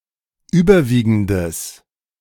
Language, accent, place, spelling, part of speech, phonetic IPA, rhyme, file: German, Germany, Berlin, überwiegendes, adjective, [ˈyːbɐˌviːɡn̩dəs], -iːɡn̩dəs, De-überwiegendes.ogg
- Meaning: strong/mixed nominative/accusative neuter singular of überwiegend